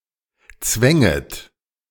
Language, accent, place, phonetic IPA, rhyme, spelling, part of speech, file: German, Germany, Berlin, [ˈt͡svɛŋət], -ɛŋət, zwänget, verb, De-zwänget.ogg
- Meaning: second-person plural subjunctive II of zwingen